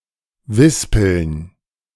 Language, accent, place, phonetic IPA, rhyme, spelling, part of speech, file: German, Germany, Berlin, [ˈvɪspl̩n], -ɪspl̩n, wispeln, verb, De-wispeln.ogg
- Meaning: alternative form of wispern (“to whisper”)